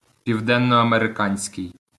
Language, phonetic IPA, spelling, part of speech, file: Ukrainian, [pʲiu̯denːɔɐmereˈkanʲsʲkei̯], південноамериканський, adjective, LL-Q8798 (ukr)-південноамериканський.wav
- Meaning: South American